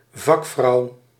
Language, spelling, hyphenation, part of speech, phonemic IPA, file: Dutch, vakvrouw, vak‧vrouw, noun, /ˈvɑk.frɑu̯/, Nl-vakvrouw.ogg
- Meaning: 1. craftswoman 2. female specialist, female expert